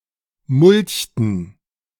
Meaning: inflection of mulchen: 1. first/third-person plural preterite 2. first/third-person plural subjunctive II
- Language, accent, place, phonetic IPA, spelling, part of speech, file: German, Germany, Berlin, [ˈmʊlçtn̩], mulchten, verb, De-mulchten.ogg